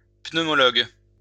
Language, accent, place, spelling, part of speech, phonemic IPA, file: French, France, Lyon, pneumologue, noun, /pnø.mɔ.lɔɡ/, LL-Q150 (fra)-pneumologue.wav
- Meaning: pneumologist